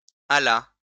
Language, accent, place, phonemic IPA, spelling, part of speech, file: French, France, Lyon, /a.la/, alla, verb, LL-Q150 (fra)-alla.wav
- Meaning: third-person singular past historic of aller